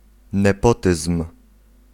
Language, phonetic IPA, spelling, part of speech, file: Polish, [nɛˈpɔtɨsm̥], nepotyzm, noun, Pl-nepotyzm.ogg